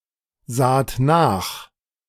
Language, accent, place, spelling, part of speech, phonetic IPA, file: German, Germany, Berlin, saht nach, verb, [ˌzaːt ˈnaːx], De-saht nach.ogg
- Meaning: second-person plural preterite of nachsehen